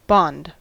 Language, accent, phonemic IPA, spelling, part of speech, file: English, US, /bɑnd/, bond, noun / verb / adjective, En-us-bond.ogg